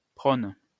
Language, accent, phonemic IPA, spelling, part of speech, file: French, France, /pʁon/, prône, noun / verb, LL-Q150 (fra)-prône.wav
- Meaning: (noun) sermon, homily; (verb) inflection of prôner: 1. first/third-person singular present indicative/subjunctive 2. second-person singular imperative